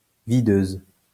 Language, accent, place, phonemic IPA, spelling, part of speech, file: French, France, Lyon, /vi.døz/, videuse, noun, LL-Q150 (fra)-videuse.wav
- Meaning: bouncer